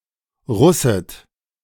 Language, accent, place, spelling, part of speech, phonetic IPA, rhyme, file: German, Germany, Berlin, russet, verb, [ˈʁʊsət], -ʊsət, De-russet.ogg
- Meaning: Switzerland and Liechtenstein standard spelling of rußet